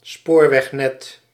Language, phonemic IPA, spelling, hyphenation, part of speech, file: Dutch, /ˈspoːr.ʋɛxˌnɛt/, spoorwegnet, spoor‧weg‧net, noun, Nl-spoorwegnet.ogg
- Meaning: railway network